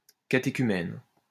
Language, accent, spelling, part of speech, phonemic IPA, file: French, France, catéchumène, noun, /ka.te.ky.mɛn/, LL-Q150 (fra)-catéchumène.wav
- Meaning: catechumen